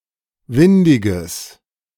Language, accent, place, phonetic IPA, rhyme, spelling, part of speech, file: German, Germany, Berlin, [ˈvɪndɪɡəs], -ɪndɪɡəs, windiges, adjective, De-windiges.ogg
- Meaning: strong/mixed nominative/accusative neuter singular of windig